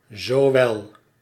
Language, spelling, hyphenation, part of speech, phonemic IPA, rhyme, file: Dutch, zowel, zo‧wel, conjunction, /zoːˈʋɛl/, -ɛl, Nl-zowel.ogg
- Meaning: both, as well as